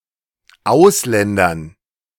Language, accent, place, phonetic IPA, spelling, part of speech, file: German, Germany, Berlin, [ˈaʊ̯sˌlɛndɐn], Ausländern, noun, De-Ausländern.ogg
- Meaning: dative plural of Ausländer